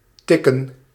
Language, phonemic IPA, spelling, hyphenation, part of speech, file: Dutch, /ˈtɪkə(n)/, tikken, tik‧ken, verb / noun, Nl-tikken.ogg
- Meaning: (verb) 1. to tick, to make a ticking sound 2. to tap 3. to type on a typewriter or keyboard 4. to tag (in a children's game); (noun) plural of tik